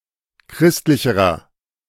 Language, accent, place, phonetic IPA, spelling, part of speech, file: German, Germany, Berlin, [ˈkʁɪstlɪçəʁɐ], christlicherer, adjective, De-christlicherer.ogg
- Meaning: inflection of christlich: 1. strong/mixed nominative masculine singular comparative degree 2. strong genitive/dative feminine singular comparative degree 3. strong genitive plural comparative degree